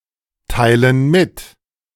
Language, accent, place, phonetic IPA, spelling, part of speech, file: German, Germany, Berlin, [ˌtaɪ̯lən ˈmɪt], teilen mit, verb, De-teilen mit.ogg
- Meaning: inflection of mitteilen: 1. first/third-person plural present 2. first/third-person plural subjunctive I